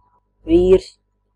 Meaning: 1. husband (a married man, in reference to his wife) 2. man (male human being) 3. a man who works, deals with something
- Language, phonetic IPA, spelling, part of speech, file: Latvian, [vīːɾs], vīrs, noun, Lv-vīrs.ogg